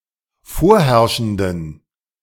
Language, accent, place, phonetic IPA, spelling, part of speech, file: German, Germany, Berlin, [ˈfoːɐ̯ˌhɛʁʃn̩dən], vorherrschenden, adjective, De-vorherrschenden.ogg
- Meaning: inflection of vorherrschend: 1. strong genitive masculine/neuter singular 2. weak/mixed genitive/dative all-gender singular 3. strong/weak/mixed accusative masculine singular 4. strong dative plural